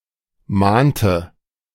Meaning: inflection of mahnen: 1. first/third-person singular preterite 2. first/third-person singular subjunctive II
- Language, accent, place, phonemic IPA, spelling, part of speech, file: German, Germany, Berlin, /ˈmaːntə/, mahnte, verb, De-mahnte.ogg